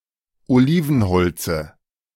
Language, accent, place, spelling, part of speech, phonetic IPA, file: German, Germany, Berlin, Olivenholze, noun, [oˈliːvn̩ˌhɔlt͡sə], De-Olivenholze.ogg
- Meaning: dative of Olivenholz